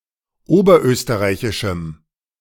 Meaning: strong dative masculine/neuter singular of oberösterreichisch
- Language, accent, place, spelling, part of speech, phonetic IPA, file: German, Germany, Berlin, oberösterreichischem, adjective, [ˈoːbɐˌʔøːstəʁaɪ̯çɪʃm̩], De-oberösterreichischem.ogg